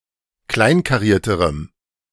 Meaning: strong dative masculine/neuter singular comparative degree of kleinkariert
- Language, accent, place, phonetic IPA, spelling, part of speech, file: German, Germany, Berlin, [ˈklaɪ̯nkaˌʁiːɐ̯təʁəm], kleinkarierterem, adjective, De-kleinkarierterem.ogg